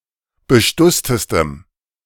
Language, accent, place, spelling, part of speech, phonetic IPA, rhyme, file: German, Germany, Berlin, bestusstestem, adjective, [bəˈʃtʊstəstəm], -ʊstəstəm, De-bestusstestem.ogg
- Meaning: strong dative masculine/neuter singular superlative degree of bestusst